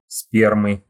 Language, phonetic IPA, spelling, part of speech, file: Russian, [ˈspʲermɨ], спермы, noun, Ru-спермы.ogg
- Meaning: inflection of спе́рма (spérma): 1. genitive singular 2. nominative/accusative plural